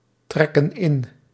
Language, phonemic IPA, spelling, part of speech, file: Dutch, /ˈtrɛkə(n) ˈɪn/, trekken in, verb, Nl-trekken in.ogg
- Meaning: inflection of intrekken: 1. plural present indicative 2. plural present subjunctive